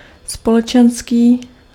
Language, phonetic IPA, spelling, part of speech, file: Czech, [ˈspolɛt͡ʃɛnskiː], společenský, adjective, Cs-společenský.ogg
- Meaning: 1. social (outgoing) 2. social (related to society)